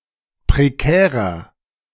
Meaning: 1. comparative degree of prekär 2. inflection of prekär: strong/mixed nominative masculine singular 3. inflection of prekär: strong genitive/dative feminine singular
- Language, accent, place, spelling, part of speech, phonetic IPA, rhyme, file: German, Germany, Berlin, prekärer, adjective, [pʁeˈkɛːʁɐ], -ɛːʁɐ, De-prekärer.ogg